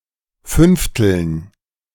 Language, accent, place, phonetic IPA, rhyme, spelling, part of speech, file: German, Germany, Berlin, [ˈfʏnftl̩n], -ʏnftl̩n, Fünfteln, noun, De-Fünfteln.ogg
- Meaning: dative plural of Fünftel